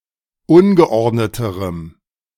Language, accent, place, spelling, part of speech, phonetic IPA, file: German, Germany, Berlin, ungeordneterem, adjective, [ˈʊnɡəˌʔɔʁdnətəʁəm], De-ungeordneterem.ogg
- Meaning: strong dative masculine/neuter singular comparative degree of ungeordnet